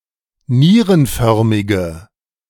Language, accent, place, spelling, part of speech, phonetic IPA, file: German, Germany, Berlin, nierenförmige, adjective, [ˈniːʁənˌfœʁmɪɡə], De-nierenförmige.ogg
- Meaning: inflection of nierenförmig: 1. strong/mixed nominative/accusative feminine singular 2. strong nominative/accusative plural 3. weak nominative all-gender singular